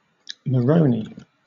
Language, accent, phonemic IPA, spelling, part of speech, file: English, Southern England, /məˈɹəʊni/, Moroni, proper noun, LL-Q1860 (eng)-Moroni.wav
- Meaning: The capital city of the Comoros